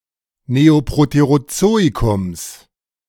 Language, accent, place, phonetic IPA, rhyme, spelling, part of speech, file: German, Germany, Berlin, [ˌneoˌpʁoteʁoˈt͡soːikʊms], -oːikʊms, Neoproterozoikums, noun, De-Neoproterozoikums.ogg
- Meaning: genitive singular of Neoproterozoikum